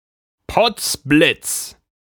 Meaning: gosh darn
- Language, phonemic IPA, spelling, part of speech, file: German, /pɔt͡s blɪt͡s/, potz Blitz, interjection, De-potzblitz.ogg